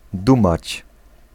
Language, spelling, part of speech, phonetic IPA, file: Polish, dumać, verb, [ˈdũmat͡ɕ], Pl-dumać.ogg